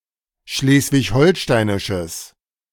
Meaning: strong/mixed nominative/accusative neuter singular of schleswig-holsteinisch
- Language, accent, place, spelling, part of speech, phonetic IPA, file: German, Germany, Berlin, schleswig-holsteinisches, adjective, [ˈʃleːsvɪçˈhɔlʃtaɪ̯nɪʃəs], De-schleswig-holsteinisches.ogg